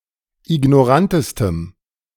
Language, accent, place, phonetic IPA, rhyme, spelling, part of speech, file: German, Germany, Berlin, [ɪɡnɔˈʁantəstəm], -antəstəm, ignorantestem, adjective, De-ignorantestem.ogg
- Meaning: strong dative masculine/neuter singular superlative degree of ignorant